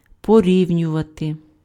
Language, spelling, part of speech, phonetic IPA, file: Ukrainian, порівнювати, verb, [poˈrʲiu̯nʲʊʋɐte], Uk-порівнювати.ogg
- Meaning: to compare